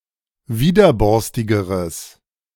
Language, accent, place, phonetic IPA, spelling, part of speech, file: German, Germany, Berlin, [ˈviːdɐˌbɔʁstɪɡəʁəs], widerborstigeres, adjective, De-widerborstigeres.ogg
- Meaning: strong/mixed nominative/accusative neuter singular comparative degree of widerborstig